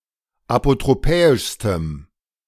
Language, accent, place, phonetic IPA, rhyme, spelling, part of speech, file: German, Germany, Berlin, [apotʁoˈpɛːɪʃstəm], -ɛːɪʃstəm, apotropäischstem, adjective, De-apotropäischstem.ogg
- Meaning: strong dative masculine/neuter singular superlative degree of apotropäisch